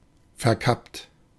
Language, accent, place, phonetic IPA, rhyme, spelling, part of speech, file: German, Germany, Berlin, [fɛɐ̯ˈkapt], -apt, verkappt, adjective / verb, De-verkappt.ogg
- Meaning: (verb) past participle of verkappen; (adjective) disguised, in disguise